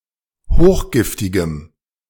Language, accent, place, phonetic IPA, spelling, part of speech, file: German, Germany, Berlin, [ˈhoːxˌɡɪftɪɡəm], hochgiftigem, adjective, De-hochgiftigem.ogg
- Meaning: strong dative masculine/neuter singular of hochgiftig